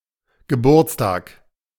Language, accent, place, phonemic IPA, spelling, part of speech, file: German, Germany, Berlin, /ɡəˈbuːɐ̯t͡sˌtaːk/, Geburtstag, noun, De-Geburtstag.ogg
- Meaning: birthday